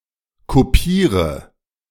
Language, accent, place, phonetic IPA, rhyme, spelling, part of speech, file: German, Germany, Berlin, [koˈpiːʁə], -iːʁə, kopiere, verb, De-kopiere.ogg
- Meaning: inflection of kopieren: 1. first-person singular present 2. singular imperative 3. first/third-person singular subjunctive I